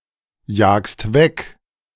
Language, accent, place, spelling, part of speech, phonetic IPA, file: German, Germany, Berlin, jagst weg, verb, [ˌjaːkst ˈvɛk], De-jagst weg.ogg
- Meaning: second-person singular present of wegjagen